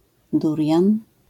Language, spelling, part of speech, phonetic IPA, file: Polish, durian, noun, [ˈdurʲjãn], LL-Q809 (pol)-durian.wav